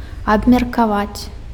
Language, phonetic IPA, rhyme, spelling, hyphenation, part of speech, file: Belarusian, [abmʲerkaˈvat͡sʲ], -at͡sʲ, абмеркаваць, аб‧мер‧ка‧ваць, verb, Be-абмеркаваць.ogg
- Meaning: to discuss (to discuss something collectively; to analyze and draw conclusions)